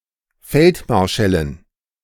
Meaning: dative plural of Feldmarschall
- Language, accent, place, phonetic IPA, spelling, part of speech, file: German, Germany, Berlin, [ˈfɛltˌmaʁʃɛlən], Feldmarschällen, noun, De-Feldmarschällen.ogg